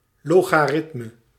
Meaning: logarithm (for a number x, the power to which a given base number must be raised in order to obtain x)
- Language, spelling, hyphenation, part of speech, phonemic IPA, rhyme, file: Dutch, logaritme, lo‧ga‧rit‧me, noun, /loː.ɣaːˈrɪt.mə/, -ɪtmə, Nl-logaritme.ogg